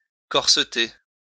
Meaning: to put on a corset
- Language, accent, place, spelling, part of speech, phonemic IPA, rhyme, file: French, France, Lyon, corseter, verb, /kɔʁ.sə.te/, -e, LL-Q150 (fra)-corseter.wav